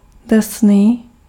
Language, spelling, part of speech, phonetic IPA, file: Czech, drsný, adjective, [ˈdr̩sniː], Cs-drsný.ogg
- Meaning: 1. rough (having a texture that has much friction; not smooth) 2. harsh